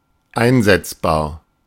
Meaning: usable, applicable
- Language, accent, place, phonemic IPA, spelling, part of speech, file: German, Germany, Berlin, /ˈʔaɪ̯nzɛtsbaːɐ̯/, einsetzbar, adjective, De-einsetzbar.ogg